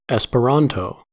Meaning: 1. An international auxiliary language designed by L. L. Zamenhof 2. Anything that is used as a single international medium in place of plural distinct national media
- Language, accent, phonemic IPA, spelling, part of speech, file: English, US, /ˌɛspəˈɹæntoʊ/, Esperanto, proper noun, En-us-Esperanto.ogg